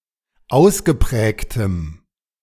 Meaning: strong dative masculine/neuter singular of ausgeprägt
- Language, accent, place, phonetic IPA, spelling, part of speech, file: German, Germany, Berlin, [ˈaʊ̯sɡəˌpʁɛːktəm], ausgeprägtem, adjective, De-ausgeprägtem.ogg